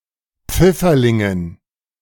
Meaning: dative plural of Pfifferling
- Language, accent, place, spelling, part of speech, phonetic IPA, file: German, Germany, Berlin, Pfifferlingen, noun, [ˈp͡fɪfɐˌlɪŋən], De-Pfifferlingen.ogg